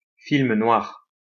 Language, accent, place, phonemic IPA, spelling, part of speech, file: French, France, Lyon, /film nwaʁ/, film noir, noun, LL-Q150 (fra)-film noir.wav
- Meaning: film noir